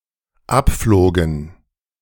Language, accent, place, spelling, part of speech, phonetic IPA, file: German, Germany, Berlin, abflogen, verb, [ˈapˌfloːɡn̩], De-abflogen.ogg
- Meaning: first/third-person plural dependent preterite of abfliegen